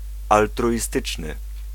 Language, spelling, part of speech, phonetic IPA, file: Polish, altruistyczny, adjective, [ˌaltruʲiˈstɨt͡ʃnɨ], Pl-altruistyczny.ogg